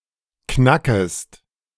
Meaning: second-person singular subjunctive I of knacken
- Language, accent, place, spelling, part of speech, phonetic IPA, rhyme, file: German, Germany, Berlin, knackest, verb, [ˈknakəst], -akəst, De-knackest.ogg